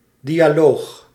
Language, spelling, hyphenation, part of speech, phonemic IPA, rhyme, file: Dutch, dialoog, di‧a‧loog, noun, /ˌdi.aːˈloːx/, -oːx, Nl-dialoog.ogg
- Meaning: dialogue, conversation or other discourse between two interlocutors